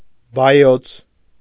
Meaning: den, cave, lair, haunt, kennel
- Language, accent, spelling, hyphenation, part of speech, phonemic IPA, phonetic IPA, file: Armenian, Eastern Armenian, բայոց, բա‧յոց, noun, /bɑˈjot͡sʰ/, [bɑjót͡sʰ], Hy-բայոց.ogg